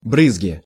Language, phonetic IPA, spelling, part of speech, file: Russian, [ˈbrɨzɡʲɪ], брызги, noun, Ru-брызги.ogg
- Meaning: splash; sputter; spray; (fine) drops